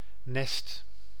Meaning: 1. a nest (place to hatch young, especially bird structure) 2. a nest (residence; retreat; hideout; home) 3. one's bed 4. a nasty, ill-behaving or pretentious child; a brat
- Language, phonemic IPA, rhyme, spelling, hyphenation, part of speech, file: Dutch, /nɛst/, -ɛst, nest, nest, noun, Nl-nest.ogg